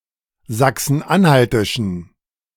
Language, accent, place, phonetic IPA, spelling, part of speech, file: German, Germany, Berlin, [ˌzaksn̩ˈʔanhaltɪʃn̩], sachsen-anhaltischen, adjective, De-sachsen-anhaltischen.ogg
- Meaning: inflection of sachsen-anhaltisch: 1. strong genitive masculine/neuter singular 2. weak/mixed genitive/dative all-gender singular 3. strong/weak/mixed accusative masculine singular